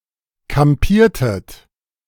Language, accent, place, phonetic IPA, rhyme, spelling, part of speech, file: German, Germany, Berlin, [kamˈpiːɐ̯tət], -iːɐ̯tət, kampiertet, verb, De-kampiertet.ogg
- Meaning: inflection of kampieren: 1. second-person plural preterite 2. second-person plural subjunctive II